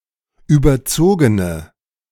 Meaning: inflection of überzogen: 1. strong/mixed nominative/accusative feminine singular 2. strong nominative/accusative plural 3. weak nominative all-gender singular
- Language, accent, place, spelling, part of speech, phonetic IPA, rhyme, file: German, Germany, Berlin, überzogene, adjective, [ˌyːbɐˈt͡soːɡənə], -oːɡənə, De-überzogene.ogg